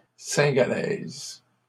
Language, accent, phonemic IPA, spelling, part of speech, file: French, Canada, /sɛ̃.ɡa.lɛz/, cingalaise, adjective, LL-Q150 (fra)-cingalaise.wav
- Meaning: feminine singular of cingalais